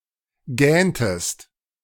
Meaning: inflection of gähnen: 1. second-person singular preterite 2. second-person singular subjunctive II
- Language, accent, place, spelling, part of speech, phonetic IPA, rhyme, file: German, Germany, Berlin, gähntest, verb, [ˈɡɛːntəst], -ɛːntəst, De-gähntest.ogg